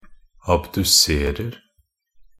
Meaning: present tense of abdusere
- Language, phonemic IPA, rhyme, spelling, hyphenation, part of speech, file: Norwegian Bokmål, /abdʉˈseːrər/, -ər, abduserer, ab‧du‧ser‧er, verb, Nb-abduserer.ogg